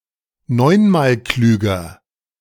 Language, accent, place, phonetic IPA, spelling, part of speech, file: German, Germany, Berlin, [ˈnɔɪ̯nmaːlˌklyːɡɐ], neunmalklüger, adjective, De-neunmalklüger.ogg
- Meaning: comparative degree of neunmalklug